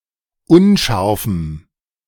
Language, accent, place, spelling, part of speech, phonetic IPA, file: German, Germany, Berlin, unscharfem, adjective, [ˈʊnˌʃaʁfm̩], De-unscharfem.ogg
- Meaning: strong dative masculine/neuter singular of unscharf